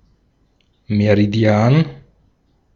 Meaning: meridian
- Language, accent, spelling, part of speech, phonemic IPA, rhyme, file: German, Austria, Meridian, noun, /meʁiˈdi̯aːn/, -aːn, De-at-Meridian.ogg